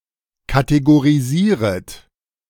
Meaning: second-person plural subjunctive I of kategorisieren
- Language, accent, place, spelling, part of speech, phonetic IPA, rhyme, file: German, Germany, Berlin, kategorisieret, verb, [kateɡoʁiˈziːʁət], -iːʁət, De-kategorisieret.ogg